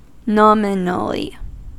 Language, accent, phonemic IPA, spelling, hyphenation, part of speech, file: English, General American, /ˈnɑmɪnəli/, nominally, nom‧i‧nal‧ly, adverb, En-us-nominally.ogg
- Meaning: 1. In a nominal manner; in name only 2. Slightly 3. As a noun